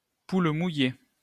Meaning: milksop, chickenshit, chicken-heart (coward)
- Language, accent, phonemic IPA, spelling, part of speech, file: French, France, /pul mu.je/, poule mouillée, noun, LL-Q150 (fra)-poule mouillée.wav